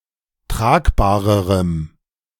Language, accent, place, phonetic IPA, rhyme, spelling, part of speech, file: German, Germany, Berlin, [ˈtʁaːkbaːʁəʁəm], -aːkbaːʁəʁəm, tragbarerem, adjective, De-tragbarerem.ogg
- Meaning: strong dative masculine/neuter singular comparative degree of tragbar